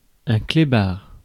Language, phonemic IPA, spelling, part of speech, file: French, /kle.baʁ/, clébard, noun, Fr-clébard.ogg
- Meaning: dog; pooch